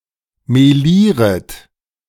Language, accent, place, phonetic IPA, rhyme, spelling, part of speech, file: German, Germany, Berlin, [meˈliːʁət], -iːʁət, melieret, verb, De-melieret.ogg
- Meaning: second-person plural subjunctive I of melieren